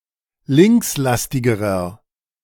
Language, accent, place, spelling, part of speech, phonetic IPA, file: German, Germany, Berlin, linkslastigerer, adjective, [ˈlɪŋksˌlastɪɡəʁɐ], De-linkslastigerer.ogg
- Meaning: inflection of linkslastig: 1. strong/mixed nominative masculine singular comparative degree 2. strong genitive/dative feminine singular comparative degree 3. strong genitive plural comparative degree